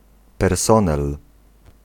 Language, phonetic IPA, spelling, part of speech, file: Polish, [pɛrˈsɔ̃nɛl], personel, noun, Pl-personel.ogg